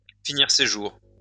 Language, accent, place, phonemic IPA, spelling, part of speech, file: French, France, Lyon, /fi.niʁ se ʒuʁ/, finir ses jours, verb, LL-Q150 (fra)-finir ses jours.wav
- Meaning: to end one's days, to spend the rest of one's life, to spend one's last days (somewhere) (to pass the end of one's days (somewhere))